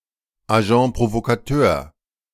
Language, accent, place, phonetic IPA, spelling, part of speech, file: German, Germany, Berlin, [aˈʒɑ̃ː pʁovokaˈtøːɐ̯], Agents Provocateurs, noun, De-Agents Provocateurs.ogg
- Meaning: plural of Agent Provocateur